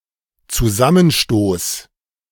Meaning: collision
- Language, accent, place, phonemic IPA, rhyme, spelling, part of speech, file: German, Germany, Berlin, /t͡suˈzamənˌʃtoːs/, -oːs, Zusammenstoß, noun, De-Zusammenstoß.ogg